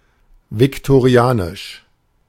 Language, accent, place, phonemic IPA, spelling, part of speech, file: German, Germany, Berlin, /vɪktoˈʁi̯aːnɪʃ/, viktorianisch, adjective, De-viktorianisch.ogg
- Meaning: Victorian